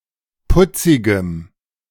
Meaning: strong dative masculine/neuter singular of putzig
- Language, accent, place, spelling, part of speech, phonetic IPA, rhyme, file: German, Germany, Berlin, putzigem, adjective, [ˈpʊt͡sɪɡəm], -ʊt͡sɪɡəm, De-putzigem.ogg